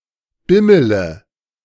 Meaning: inflection of bimmeln: 1. first-person singular present 2. first-person plural subjunctive I 3. third-person singular subjunctive I 4. singular imperative
- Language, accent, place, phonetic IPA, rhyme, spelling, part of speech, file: German, Germany, Berlin, [ˈbɪmələ], -ɪmələ, bimmele, verb, De-bimmele.ogg